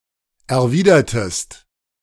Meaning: inflection of erwidern: 1. second-person singular preterite 2. second-person singular subjunctive II
- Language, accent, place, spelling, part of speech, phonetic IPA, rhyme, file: German, Germany, Berlin, erwidertest, verb, [ɛɐ̯ˈviːdɐtəst], -iːdɐtəst, De-erwidertest.ogg